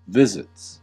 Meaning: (noun) plural of visit; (verb) third-person singular simple present indicative of visit
- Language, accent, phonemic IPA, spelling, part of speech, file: English, US, /ˈvɪzɪts/, visits, noun / verb, En-us-visits.ogg